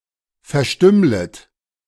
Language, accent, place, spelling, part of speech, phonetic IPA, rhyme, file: German, Germany, Berlin, verstümmlet, verb, [fɛɐ̯ˈʃtʏmlət], -ʏmlət, De-verstümmlet.ogg
- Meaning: second-person plural subjunctive I of verstümmeln